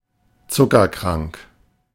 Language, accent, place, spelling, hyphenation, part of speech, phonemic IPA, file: German, Germany, Berlin, zuckerkrank, zu‧cker‧krank, adjective, /ˈt͡sʊkɐˌkʁaŋk/, De-zuckerkrank.ogg
- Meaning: diabetic